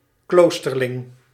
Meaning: any member of a monastic community, whether priest, lay brother or nun
- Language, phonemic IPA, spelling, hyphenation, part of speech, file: Dutch, /ˈkloːs.tərˌlɪŋ/, kloosterling, kloos‧ter‧ling, noun, Nl-kloosterling.ogg